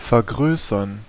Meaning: 1. to enlarge, to amplify, to increase 2. to become larger
- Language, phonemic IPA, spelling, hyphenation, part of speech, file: German, /fɛɐ̯ˈɡʁøːsɐn/, vergrößern, ver‧grö‧ßern, verb, De-vergrößern.ogg